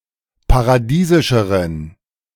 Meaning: inflection of paradiesisch: 1. strong genitive masculine/neuter singular comparative degree 2. weak/mixed genitive/dative all-gender singular comparative degree
- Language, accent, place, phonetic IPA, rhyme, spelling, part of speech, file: German, Germany, Berlin, [paʁaˈdiːzɪʃəʁən], -iːzɪʃəʁən, paradiesischeren, adjective, De-paradiesischeren.ogg